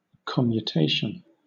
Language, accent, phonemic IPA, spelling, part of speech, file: English, Southern England, /kɒmjuːˈteɪʃən/, commutation, noun, LL-Q1860 (eng)-commutation.wav
- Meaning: 1. Substitution of one thing for another; interchange 2. Specifically, the substitution of one kind of payment for another, especially a switch to monetary payment from obligations of labour